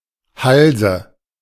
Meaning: 1. gybe (manoeuvre in which the stern of a sailing vessel crosses the wind) 2. an unexpected change of mind 3. dative singular of Hals
- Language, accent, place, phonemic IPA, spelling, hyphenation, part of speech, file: German, Germany, Berlin, /ˈhalzə/, Halse, Hal‧se, noun, De-Halse.ogg